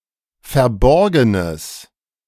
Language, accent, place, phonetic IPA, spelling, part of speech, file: German, Germany, Berlin, [fɛɐ̯ˈbɔʁɡənəs], verborgenes, adjective, De-verborgenes.ogg
- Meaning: strong/mixed nominative/accusative neuter singular of verborgen